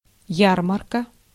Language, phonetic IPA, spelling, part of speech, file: Russian, [ˈjarmərkə], ярмарка, noun, Ru-ярмарка.ogg
- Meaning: fair (market), funfair, county fair, state fair